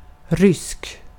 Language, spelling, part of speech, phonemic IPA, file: Swedish, rysk, adjective, /ˈrʏsːk/, Sv-rysk.ogg
- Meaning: 1. Russian; of or pertaining to Russia or the Russian language 2. crazy, out of one's mind (especially in the phrase helt rysk, entirely crazy)